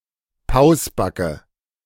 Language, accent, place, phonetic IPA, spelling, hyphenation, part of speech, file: German, Germany, Berlin, [ˈpaʊ̯sˌbakə], Pausbacke, Paus‧ba‧cke, noun, De-Pausbacke.ogg
- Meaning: chubby facial cheek with a red/reddish complexion (especially of a child)